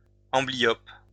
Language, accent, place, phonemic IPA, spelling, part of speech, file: French, France, Lyon, /ɑ̃.bli.jɔp/, amblyope, adjective / noun, LL-Q150 (fra)-amblyope.wav
- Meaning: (adjective) amblyopic; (noun) amblyope